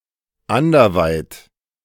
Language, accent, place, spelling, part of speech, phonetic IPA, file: German, Germany, Berlin, anderweit, adverb / adjective, [ˈandɐˌvaɪ̯t], De-anderweit.ogg
- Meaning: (adjective) other; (adverb) otherwise